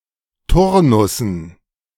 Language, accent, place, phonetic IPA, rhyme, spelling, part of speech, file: German, Germany, Berlin, [ˈtʊʁnʊsn̩], -ʊʁnʊsn̩, Turnussen, noun, De-Turnussen.ogg
- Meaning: dative plural of Turnus